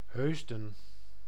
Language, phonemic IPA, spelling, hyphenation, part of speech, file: Dutch, /ˈɦøːz.də(n)/, Heusden, Heus‧den, proper noun, Nl-Heusden.ogg
- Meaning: 1. Heusden (a city and municipality of North Brabant, Netherlands) 2. a village in Asten, North Brabant, Netherlands